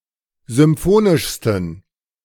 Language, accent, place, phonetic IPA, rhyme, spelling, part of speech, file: German, Germany, Berlin, [zʏmˈfoːnɪʃstn̩], -oːnɪʃstn̩, symphonischsten, adjective, De-symphonischsten.ogg
- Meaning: 1. superlative degree of symphonisch 2. inflection of symphonisch: strong genitive masculine/neuter singular superlative degree